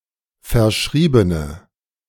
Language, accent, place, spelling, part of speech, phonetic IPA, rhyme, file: German, Germany, Berlin, verschriebene, adjective, [fɛɐ̯ˈʃʁiːbənə], -iːbənə, De-verschriebene.ogg
- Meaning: inflection of verschrieben: 1. strong/mixed nominative/accusative feminine singular 2. strong nominative/accusative plural 3. weak nominative all-gender singular